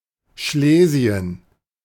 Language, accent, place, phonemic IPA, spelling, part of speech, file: German, Germany, Berlin, /ˈʃleːzi̯ən/, Schlesien, proper noun, De-Schlesien.ogg